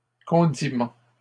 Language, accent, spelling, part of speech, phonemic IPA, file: French, Canada, condiment, noun, /kɔ̃.di.mɑ̃/, LL-Q150 (fra)-condiment.wav
- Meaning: condiment